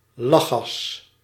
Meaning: laughing gas, nitrous oxide
- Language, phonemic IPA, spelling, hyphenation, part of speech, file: Dutch, /ˈlɑ.xɑs/, lachgas, lach‧gas, noun, Nl-lachgas.ogg